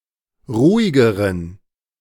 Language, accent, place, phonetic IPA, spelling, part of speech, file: German, Germany, Berlin, [ˈʁuːɪɡəʁən], ruhigeren, adjective, De-ruhigeren.ogg
- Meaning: inflection of ruhig: 1. strong genitive masculine/neuter singular comparative degree 2. weak/mixed genitive/dative all-gender singular comparative degree